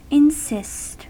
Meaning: 1. To hold up a claim emphatically 2. To demand continually that something happen or be done; to reiterate a demand despite requests to abandon it 3. To stand (on); to rest (upon); to lean (upon)
- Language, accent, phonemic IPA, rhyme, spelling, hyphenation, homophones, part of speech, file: English, US, /ɪnˈsɪst/, -ɪst, insist, in‧sist, encyst, verb, En-us-insist.ogg